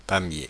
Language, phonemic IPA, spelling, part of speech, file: French, /pa.mje/, Pamiers, proper noun, Fr-Pamiers.oga
- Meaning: Pamiers (a town, a commune of Ariège department, Occitania, in southern France)